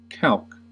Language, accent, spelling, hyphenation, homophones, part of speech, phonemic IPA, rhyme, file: English, US, calque, calque, calc / calk, noun / verb, /kælk/, -ælk, En-us-calque.ogg
- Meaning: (noun) A word or phrase in a language formed by word-for-word or morpheme-by-morpheme translation of a word in another language